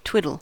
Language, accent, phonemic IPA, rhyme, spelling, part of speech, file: English, US, /ˈtwɪdəl/, -ɪdəl, twiddle, verb / noun, En-us-twiddle.ogg
- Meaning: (verb) 1. To wiggle, fidget or play with; to move around 2. To flip or switch two adjacent bits (binary digits) 3. To be in an equivalence relation with